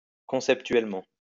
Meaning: conceptually
- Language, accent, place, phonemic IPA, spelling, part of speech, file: French, France, Lyon, /kɔ̃.sɛp.tɥɛl.mɑ̃/, conceptuellement, adverb, LL-Q150 (fra)-conceptuellement.wav